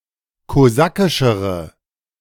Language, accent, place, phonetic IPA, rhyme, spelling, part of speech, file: German, Germany, Berlin, [koˈzakɪʃəʁə], -akɪʃəʁə, kosakischere, adjective, De-kosakischere.ogg
- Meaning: inflection of kosakisch: 1. strong/mixed nominative/accusative feminine singular comparative degree 2. strong nominative/accusative plural comparative degree